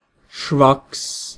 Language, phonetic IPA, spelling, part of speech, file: Latvian, [ʃvɑks̪], švaks, adjective, Lv-švaks.ogg
- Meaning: weak, poor